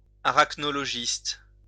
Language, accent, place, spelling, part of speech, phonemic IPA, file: French, France, Lyon, arachnologiste, noun, /a.ʁak.nɔ.lɔ.ʒist/, LL-Q150 (fra)-arachnologiste.wav
- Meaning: arachnologist